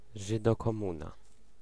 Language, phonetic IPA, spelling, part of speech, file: Polish, [ˌʒɨdɔkɔ̃ˈmũna], żydokomuna, noun, Pl-żydokomuna.ogg